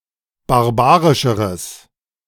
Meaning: strong/mixed nominative/accusative neuter singular comparative degree of barbarisch
- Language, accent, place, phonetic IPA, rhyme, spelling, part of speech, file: German, Germany, Berlin, [baʁˈbaːʁɪʃəʁəs], -aːʁɪʃəʁəs, barbarischeres, adjective, De-barbarischeres.ogg